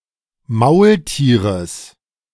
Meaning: genitive singular of Maultier
- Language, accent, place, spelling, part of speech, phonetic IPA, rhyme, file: German, Germany, Berlin, Maultieres, noun, [ˈmaʊ̯lˌtiːʁəs], -aʊ̯ltiːʁəs, De-Maultieres.ogg